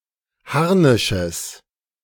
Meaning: genitive singular of Harnisch
- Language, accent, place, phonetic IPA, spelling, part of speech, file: German, Germany, Berlin, [ˈhaʁnɪʃəs], Harnisches, noun, De-Harnisches.ogg